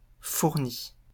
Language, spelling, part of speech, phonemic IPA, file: French, fourni, verb / adjective, /fuʁ.ni/, LL-Q150 (fra)-fourni.wav
- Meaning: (verb) past participle of fournir; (adjective) abundant, luxuriant